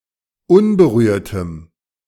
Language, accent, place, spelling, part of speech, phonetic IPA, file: German, Germany, Berlin, unberührtem, adjective, [ˈʊnbəˌʁyːɐ̯təm], De-unberührtem.ogg
- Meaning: strong dative masculine/neuter singular of unberührt